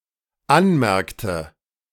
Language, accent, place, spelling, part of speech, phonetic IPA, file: German, Germany, Berlin, anmerkte, verb, [ˈanˌmɛʁktə], De-anmerkte.ogg
- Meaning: inflection of anmerken: 1. first/third-person singular dependent preterite 2. first/third-person singular dependent subjunctive II